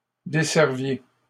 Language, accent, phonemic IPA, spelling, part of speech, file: French, Canada, /de.sɛʁ.vje/, desserviez, verb, LL-Q150 (fra)-desserviez.wav
- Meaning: inflection of desservir: 1. second-person plural imperfect indicative 2. second-person plural present subjunctive